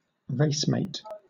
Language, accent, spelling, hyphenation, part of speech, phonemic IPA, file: English, Southern England, racemate, race‧mate, noun, /ˈɹeɪsmeɪt/, LL-Q1860 (eng)-racemate.wav
- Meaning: 1. One participating in the same race as others 2. A person of the same racial group as others